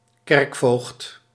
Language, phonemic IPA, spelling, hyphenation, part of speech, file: Dutch, /ˈkɛrk.foːxt/, kerkvoogd, kerk‧voogd, noun, Nl-kerkvoogd.ogg
- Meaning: 1. prelate 2. churchwarden